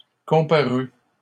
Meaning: third-person singular past historic of comparaître
- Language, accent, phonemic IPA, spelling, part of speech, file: French, Canada, /kɔ̃.pa.ʁy/, comparut, verb, LL-Q150 (fra)-comparut.wav